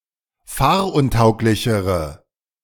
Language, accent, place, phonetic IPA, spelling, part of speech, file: German, Germany, Berlin, [ˈfaːɐ̯ʔʊnˌtaʊ̯klɪçəʁə], fahruntauglichere, adjective, De-fahruntauglichere.ogg
- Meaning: inflection of fahruntauglich: 1. strong/mixed nominative/accusative feminine singular comparative degree 2. strong nominative/accusative plural comparative degree